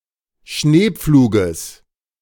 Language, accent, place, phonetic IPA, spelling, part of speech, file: German, Germany, Berlin, [ˈʃneːˌp͡fluːɡəs], Schneepfluges, noun, De-Schneepfluges.ogg
- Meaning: genitive singular of Schneepflug